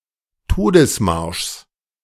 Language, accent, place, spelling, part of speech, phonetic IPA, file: German, Germany, Berlin, Todesmarschs, noun, [ˈtoːdəsˌmaʁʃs], De-Todesmarschs.ogg
- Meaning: genitive singular of Todesmarsch